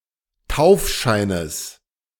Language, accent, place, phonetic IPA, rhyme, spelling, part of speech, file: German, Germany, Berlin, [ˈtaʊ̯fˌʃaɪ̯nəs], -aʊ̯fʃaɪ̯nəs, Taufscheines, noun, De-Taufscheines.ogg
- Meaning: genitive singular of Taufschein